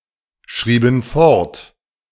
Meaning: inflection of fortschreiben: 1. first/third-person plural preterite 2. first/third-person plural subjunctive II
- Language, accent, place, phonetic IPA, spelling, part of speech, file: German, Germany, Berlin, [ˌʃʁiːbn̩ ˈfɔʁt], schrieben fort, verb, De-schrieben fort.ogg